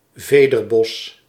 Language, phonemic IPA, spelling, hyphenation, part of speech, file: Dutch, /ˈveː.dərˌbɔs/, vederbos, ve‧der‧bos, noun, Nl-vederbos.ogg
- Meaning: 1. a panache (plume on headwear) 2. a set of plumes (large or ornamental feathers)